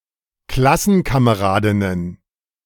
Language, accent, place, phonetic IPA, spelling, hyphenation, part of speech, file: German, Germany, Berlin, [ˈklasn̩kameˌʁaːdɪnən], Klassenkameradinnen, Klas‧sen‧ka‧me‧ra‧din‧nen, noun, De-Klassenkameradinnen.ogg
- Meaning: plural of Klassenkameradin